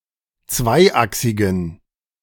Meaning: inflection of zweiachsig: 1. strong genitive masculine/neuter singular 2. weak/mixed genitive/dative all-gender singular 3. strong/weak/mixed accusative masculine singular 4. strong dative plural
- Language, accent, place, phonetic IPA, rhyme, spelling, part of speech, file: German, Germany, Berlin, [ˈt͡svaɪ̯ˌʔaksɪɡn̩], -aɪ̯ʔaksɪɡn̩, zweiachsigen, adjective, De-zweiachsigen.ogg